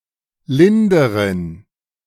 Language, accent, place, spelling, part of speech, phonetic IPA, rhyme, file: German, Germany, Berlin, linderen, adjective, [ˈlɪndəʁən], -ɪndəʁən, De-linderen.ogg
- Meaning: inflection of lind: 1. strong genitive masculine/neuter singular comparative degree 2. weak/mixed genitive/dative all-gender singular comparative degree